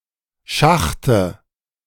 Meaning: dative of Schacht
- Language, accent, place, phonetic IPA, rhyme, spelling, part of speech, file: German, Germany, Berlin, [ˈʃaxtə], -axtə, Schachte, noun, De-Schachte.ogg